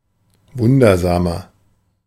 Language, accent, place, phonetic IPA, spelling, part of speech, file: German, Germany, Berlin, [ˈvʊndɐzaːmɐ], wundersamer, adjective, De-wundersamer.ogg
- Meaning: 1. comparative degree of wundersam 2. inflection of wundersam: strong/mixed nominative masculine singular 3. inflection of wundersam: strong genitive/dative feminine singular